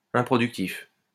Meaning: unproductive
- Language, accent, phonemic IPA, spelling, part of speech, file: French, France, /ɛ̃.pʁɔ.dyk.tif/, improductif, adjective, LL-Q150 (fra)-improductif.wav